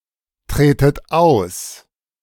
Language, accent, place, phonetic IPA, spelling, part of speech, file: German, Germany, Berlin, [ˌtʁeːtət ˈaʊ̯s], tretet aus, verb, De-tretet aus.ogg
- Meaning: inflection of austreten: 1. second-person plural present 2. second-person plural subjunctive I 3. plural imperative